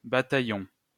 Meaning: battalion
- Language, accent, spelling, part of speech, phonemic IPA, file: French, France, bataillon, noun, /ba.ta.jɔ̃/, LL-Q150 (fra)-bataillon.wav